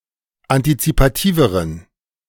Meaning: inflection of antizipativ: 1. strong genitive masculine/neuter singular comparative degree 2. weak/mixed genitive/dative all-gender singular comparative degree
- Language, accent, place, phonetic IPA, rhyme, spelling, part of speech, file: German, Germany, Berlin, [antit͡sipaˈtiːvəʁən], -iːvəʁən, antizipativeren, adjective, De-antizipativeren.ogg